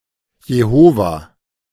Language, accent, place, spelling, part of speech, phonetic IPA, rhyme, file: German, Germany, Berlin, Jehova, proper noun, [jeˈhoːva], -oːva, De-Jehova.ogg
- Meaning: Jehovah